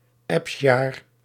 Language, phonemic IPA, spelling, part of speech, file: Dutch, /ˈɑpsjaːr/, apsjaar, noun, Nl-apsjaar.ogg
- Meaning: peculiar, incompetent, annoying person